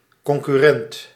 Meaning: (noun) 1. a competitor, an economic rival 2. a creditor without special priority; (adjective) concurrent, corresponding
- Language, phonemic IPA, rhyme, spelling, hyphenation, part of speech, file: Dutch, /ˌkɔŋ.kyˈrɛnt/, -ɛnt, concurrent, con‧cur‧rent, noun / adjective, Nl-concurrent.ogg